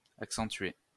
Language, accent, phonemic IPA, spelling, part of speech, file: French, France, /ak.sɑ̃.tɥe/, accentué, adjective / verb, LL-Q150 (fra)-accentué.wav
- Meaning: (adjective) pronounced, marked, accented; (verb) past participle of accentuer